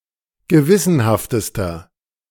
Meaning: inflection of gewissenhaft: 1. strong/mixed nominative masculine singular superlative degree 2. strong genitive/dative feminine singular superlative degree 3. strong genitive plural superlative degree
- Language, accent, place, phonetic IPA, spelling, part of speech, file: German, Germany, Berlin, [ɡəˈvɪsənhaftəstɐ], gewissenhaftester, adjective, De-gewissenhaftester.ogg